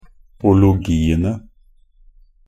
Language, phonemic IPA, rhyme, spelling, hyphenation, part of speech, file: Norwegian Bokmål, /ʊlʊˈɡiːənə/, -ənə, -ologiene, -o‧lo‧gi‧en‧e, suffix, Nb--ologiene.ogg
- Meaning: definite plural of -ologi